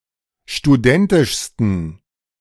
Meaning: 1. superlative degree of studentisch 2. inflection of studentisch: strong genitive masculine/neuter singular superlative degree
- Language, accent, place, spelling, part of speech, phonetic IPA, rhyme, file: German, Germany, Berlin, studentischsten, adjective, [ʃtuˈdɛntɪʃstn̩], -ɛntɪʃstn̩, De-studentischsten.ogg